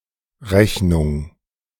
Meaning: 1. bill, restaurant bill 2. a reckoning, calculation 3. invoice
- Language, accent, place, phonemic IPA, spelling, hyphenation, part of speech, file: German, Germany, Berlin, /ˈʁɛçnʊŋ(k)/, Rechnung, Rech‧nung, noun, De-Rechnung2.ogg